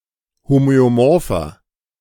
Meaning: inflection of homöomorph: 1. strong/mixed nominative masculine singular 2. strong genitive/dative feminine singular 3. strong genitive plural
- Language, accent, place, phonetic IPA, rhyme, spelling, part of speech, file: German, Germany, Berlin, [ˌhomøoˈmɔʁfɐ], -ɔʁfɐ, homöomorpher, adjective, De-homöomorpher.ogg